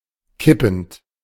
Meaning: present participle of kippen
- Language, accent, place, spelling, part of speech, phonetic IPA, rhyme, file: German, Germany, Berlin, kippend, verb, [ˈkɪpn̩t], -ɪpn̩t, De-kippend.ogg